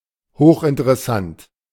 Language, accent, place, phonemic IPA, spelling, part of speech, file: German, Germany, Berlin, /ˈhoːχʔɪntəʁɛˌsant/, hochinteressant, adjective, De-hochinteressant.ogg
- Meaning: fascinating (very interesting)